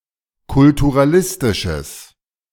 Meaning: strong/mixed nominative/accusative neuter singular of kulturalistisch
- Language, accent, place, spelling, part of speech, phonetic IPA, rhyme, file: German, Germany, Berlin, kulturalistisches, adjective, [kʊltuʁaˈlɪstɪʃəs], -ɪstɪʃəs, De-kulturalistisches.ogg